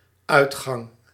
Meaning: 1. exit, outgang 2. output 3. ending, termination
- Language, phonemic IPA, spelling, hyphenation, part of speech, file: Dutch, /ˈœy̯txɑŋ/, uitgang, uit‧gang, noun, Nl-uitgang.ogg